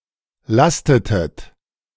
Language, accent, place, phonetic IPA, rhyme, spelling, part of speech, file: German, Germany, Berlin, [ˈlastətət], -astətət, lastetet, verb, De-lastetet.ogg
- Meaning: inflection of lasten: 1. second-person plural preterite 2. second-person plural subjunctive II